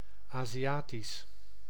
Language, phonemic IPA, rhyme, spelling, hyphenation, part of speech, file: Dutch, /ˌaːziˈjaːtis/, -aːtis, Aziatisch, Azi‧a‧tisch, adjective, Nl-Aziatisch.ogg
- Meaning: 1. Asian (of, relating to or from Asia) 2. Asian, East Asian or Southeast Asian, Asiatic, relating to people(s) of East or Southeast Asian descent